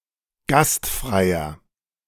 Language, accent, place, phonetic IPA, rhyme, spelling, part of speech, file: German, Germany, Berlin, [ˈɡastˌfʁaɪ̯ɐ], -astfʁaɪ̯ɐ, gastfreier, adjective, De-gastfreier.ogg
- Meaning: inflection of gastfrei: 1. strong/mixed nominative masculine singular 2. strong genitive/dative feminine singular 3. strong genitive plural